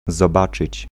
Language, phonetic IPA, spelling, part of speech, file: Polish, [zɔˈbat͡ʃɨt͡ɕ], zobaczyć, verb, Pl-zobaczyć.ogg